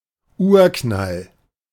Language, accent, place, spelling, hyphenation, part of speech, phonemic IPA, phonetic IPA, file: German, Germany, Berlin, Urknall, Ur‧knall, proper noun, /ˈuːʁˌknal/, [ˈʔuːɐ̯ˌkʰnal], De-Urknall.ogg
- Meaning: Big Bang